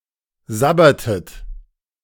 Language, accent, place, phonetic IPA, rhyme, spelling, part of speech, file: German, Germany, Berlin, [ˈzabɐtət], -abɐtət, sabbertet, verb, De-sabbertet.ogg
- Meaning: inflection of sabbern: 1. second-person plural preterite 2. second-person plural subjunctive II